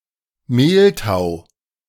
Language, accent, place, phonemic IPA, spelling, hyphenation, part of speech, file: German, Germany, Berlin, /ˈmeːlˌtaʊ̯/, Meltau, Mel‧tau, noun, De-Meltau.ogg
- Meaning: honeydew